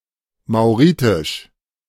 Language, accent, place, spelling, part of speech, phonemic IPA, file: German, Germany, Berlin, mauritisch, adjective, /maʊ̯ˈʁiːtɪʃ/, De-mauritisch.ogg
- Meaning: of Mauritius; Mauritian